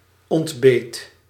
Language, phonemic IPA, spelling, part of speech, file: Dutch, /ɔndˈbet/, ontbeet, verb, Nl-ontbeet.ogg
- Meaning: singular past indicative of ontbijten